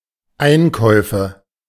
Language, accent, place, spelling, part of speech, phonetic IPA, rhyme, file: German, Germany, Berlin, Einkäufe, noun, [ˈaɪ̯nˌkɔɪ̯fə], -aɪ̯nkɔɪ̯fə, De-Einkäufe.ogg
- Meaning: nominative/accusative/genitive plural of Einkauf